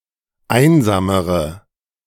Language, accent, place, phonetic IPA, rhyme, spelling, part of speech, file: German, Germany, Berlin, [ˈaɪ̯nzaːməʁə], -aɪ̯nzaːməʁə, einsamere, adjective, De-einsamere.ogg
- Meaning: inflection of einsam: 1. strong/mixed nominative/accusative feminine singular comparative degree 2. strong nominative/accusative plural comparative degree